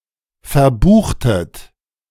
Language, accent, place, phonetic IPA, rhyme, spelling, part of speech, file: German, Germany, Berlin, [fɛɐ̯ˈbuːxtət], -uːxtət, verbuchtet, verb, De-verbuchtet.ogg
- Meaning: inflection of verbuchen: 1. second-person plural preterite 2. second-person plural subjunctive II